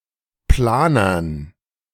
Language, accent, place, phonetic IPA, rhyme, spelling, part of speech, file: German, Germany, Berlin, [ˈplaːnɐn], -aːnɐn, Planern, noun, De-Planern.ogg
- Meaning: dative plural of Planer